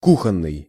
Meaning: kitchen
- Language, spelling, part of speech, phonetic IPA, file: Russian, кухонный, adjective, [ˈkuxən(ː)ɨj], Ru-кухонный.ogg